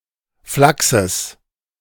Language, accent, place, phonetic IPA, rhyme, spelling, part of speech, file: German, Germany, Berlin, [ˈflaksəs], -aksəs, Flachses, noun, De-Flachses.ogg
- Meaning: genitive of Flachs